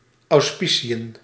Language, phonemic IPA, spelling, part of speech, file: Dutch, /ˌɑu̯sˈpi.si.ə(n)/, auspiciën, noun, Nl-auspiciën.ogg
- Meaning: 1. watch, supervision 2. auspices, protection 3. augury; (also) the omens from divination based on the behaviour of birds, practiced in Roman culture